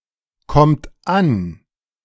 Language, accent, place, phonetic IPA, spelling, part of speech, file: German, Germany, Berlin, [ˌkɔmt ˈan], kommt an, verb, De-kommt an.ogg
- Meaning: inflection of ankommen: 1. third-person singular present 2. second-person plural present 3. plural imperative